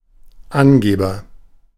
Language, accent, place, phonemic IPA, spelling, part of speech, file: German, Germany, Berlin, /ˈʔanɡeːbɐ/, Angeber, noun, De-Angeber.ogg
- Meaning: agent noun of angeben: 1. informer, squealer 2. bragger, braggart, boaster, swaggerer, showoff